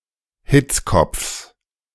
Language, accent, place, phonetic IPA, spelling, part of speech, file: German, Germany, Berlin, [ˈhɪt͡sˌkɔp͡fs], Hitzkopfs, noun, De-Hitzkopfs.ogg
- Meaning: genitive singular of Hitzkopf